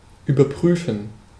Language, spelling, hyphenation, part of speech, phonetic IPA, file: German, überprüfen, über‧prü‧fen, verb, [yːbɐˈpʁyːfn̩], De-überprüfen.ogg
- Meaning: to check, to verify